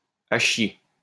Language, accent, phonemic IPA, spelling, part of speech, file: French, France, /a ʃje/, à chier, adjective / adverb, LL-Q150 (fra)-à chier.wav
- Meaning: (adjective) lousy, shit, shitty, crappy; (adverb) extremely, very